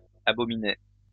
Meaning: first-person singular past historic of abominer
- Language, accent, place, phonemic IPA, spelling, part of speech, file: French, France, Lyon, /a.bɔ.mi.ne/, abominai, verb, LL-Q150 (fra)-abominai.wav